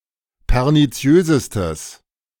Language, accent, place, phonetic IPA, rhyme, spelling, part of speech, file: German, Germany, Berlin, [pɛʁniˈt͡si̯øːzəstəs], -øːzəstəs, perniziösestes, adjective, De-perniziösestes.ogg
- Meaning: strong/mixed nominative/accusative neuter singular superlative degree of perniziös